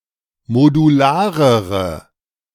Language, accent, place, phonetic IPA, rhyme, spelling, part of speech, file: German, Germany, Berlin, [moduˈlaːʁəʁə], -aːʁəʁə, modularere, adjective, De-modularere.ogg
- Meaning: inflection of modular: 1. strong/mixed nominative/accusative feminine singular comparative degree 2. strong nominative/accusative plural comparative degree